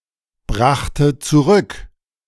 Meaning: first/third-person singular preterite of zurückbringen
- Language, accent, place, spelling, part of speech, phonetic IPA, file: German, Germany, Berlin, brachte zurück, verb, [ˌbʁaxtə t͡suˈʁʏk], De-brachte zurück.ogg